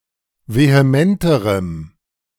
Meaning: strong dative masculine/neuter singular comparative degree of vehement
- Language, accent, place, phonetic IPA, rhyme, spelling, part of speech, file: German, Germany, Berlin, [veheˈmɛntəʁəm], -ɛntəʁəm, vehementerem, adjective, De-vehementerem.ogg